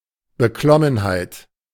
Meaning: trepidation, uneasiness, apprehensiveness
- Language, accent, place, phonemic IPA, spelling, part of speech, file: German, Germany, Berlin, /bəˈklɔmənhaɪ̯t/, Beklommenheit, noun, De-Beklommenheit.ogg